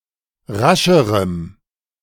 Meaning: strong dative masculine/neuter singular comparative degree of rasch
- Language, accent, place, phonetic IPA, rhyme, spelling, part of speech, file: German, Germany, Berlin, [ˈʁaʃəʁəm], -aʃəʁəm, rascherem, adjective, De-rascherem.ogg